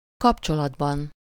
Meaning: inessive singular of kapcsolat
- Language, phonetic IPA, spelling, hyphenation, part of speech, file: Hungarian, [ˈkɒpt͡ʃolɒdbɒn], kapcsolatban, kap‧cso‧lat‧ban, noun, Hu-kapcsolatban.ogg